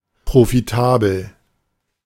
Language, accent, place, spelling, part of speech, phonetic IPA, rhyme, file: German, Germany, Berlin, profitabel, adjective, [pʁofiˈtaːbl̩], -aːbl̩, De-profitabel.ogg
- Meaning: profitable